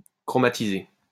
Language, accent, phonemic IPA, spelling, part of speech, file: French, France, /kʁɔ.ma.ti.ze/, chromatiser, verb, LL-Q150 (fra)-chromatiser.wav
- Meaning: to chromatize